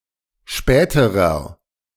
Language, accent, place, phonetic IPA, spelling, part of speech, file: German, Germany, Berlin, [ˈʃpɛːtəʁɐ], späterer, adjective, De-späterer.ogg
- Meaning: inflection of spät: 1. strong/mixed nominative masculine singular comparative degree 2. strong genitive/dative feminine singular comparative degree 3. strong genitive plural comparative degree